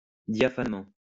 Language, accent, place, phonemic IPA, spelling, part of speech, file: French, France, Lyon, /dja.fan.mɑ̃/, diaphanement, adverb, LL-Q150 (fra)-diaphanement.wav
- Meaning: diaphanously